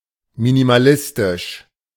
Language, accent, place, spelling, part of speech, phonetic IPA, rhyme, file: German, Germany, Berlin, minimalistisch, adjective, [minimaˈlɪstɪʃ], -ɪstɪʃ, De-minimalistisch.ogg
- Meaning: minimalist